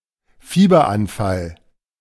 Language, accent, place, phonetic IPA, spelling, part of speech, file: German, Germany, Berlin, [ˈfiːbɐˌʔanfal], Fieberanfall, noun, De-Fieberanfall.ogg
- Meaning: fever